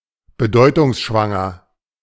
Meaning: meaningful
- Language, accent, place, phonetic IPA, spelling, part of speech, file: German, Germany, Berlin, [bəˈdɔɪ̯tʊŋsʃvaŋɐ], bedeutungsschwanger, adjective, De-bedeutungsschwanger.ogg